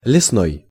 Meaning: 1. forest, wood 2. lumber (American), timber (British)
- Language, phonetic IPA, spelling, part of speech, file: Russian, [lʲɪsˈnoj], лесной, adjective, Ru-лесной.ogg